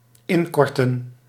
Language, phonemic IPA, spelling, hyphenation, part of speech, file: Dutch, /ˈɪnˌkɔr.tə(n)/, inkorten, in‧kor‧ten, verb, Nl-inkorten.ogg
- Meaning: to make shorter: to shorten, to abridge, to curtail, abbreviate, to cut down, to contract